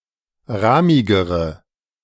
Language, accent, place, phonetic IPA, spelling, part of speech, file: German, Germany, Berlin, [ˈʁaːmɪɡəʁə], rahmigere, adjective, De-rahmigere.ogg
- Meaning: inflection of rahmig: 1. strong/mixed nominative/accusative feminine singular comparative degree 2. strong nominative/accusative plural comparative degree